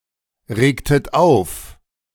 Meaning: inflection of aufregen: 1. second-person plural preterite 2. second-person plural subjunctive II
- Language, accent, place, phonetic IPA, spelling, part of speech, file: German, Germany, Berlin, [ˌʁeːktət ˈaʊ̯f], regtet auf, verb, De-regtet auf.ogg